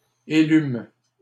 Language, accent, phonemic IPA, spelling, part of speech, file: French, Canada, /e.lym/, élûmes, verb, LL-Q150 (fra)-élûmes.wav
- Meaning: first-person plural past historic of élire